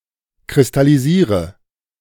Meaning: inflection of kristallisieren: 1. first-person singular present 2. first/third-person singular subjunctive I 3. singular imperative
- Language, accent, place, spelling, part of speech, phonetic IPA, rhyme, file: German, Germany, Berlin, kristallisiere, verb, [kʁɪstaliˈziːʁə], -iːʁə, De-kristallisiere.ogg